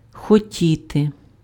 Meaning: to want
- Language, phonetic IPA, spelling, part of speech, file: Ukrainian, [xoˈtʲite], хотіти, verb, Uk-хотіти.ogg